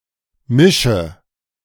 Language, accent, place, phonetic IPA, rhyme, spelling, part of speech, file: German, Germany, Berlin, [ˈmɪʃə], -ɪʃə, mische, verb, De-mische.ogg
- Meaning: inflection of mischen: 1. first-person singular present 2. singular imperative 3. first/third-person singular subjunctive I